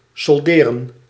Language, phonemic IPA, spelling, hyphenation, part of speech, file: Dutch, /sɔlˈdeːrə(n)/, solderen, sol‧de‧ren, verb, Nl-solderen.ogg
- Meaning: 1. to solder 2. to reduce in price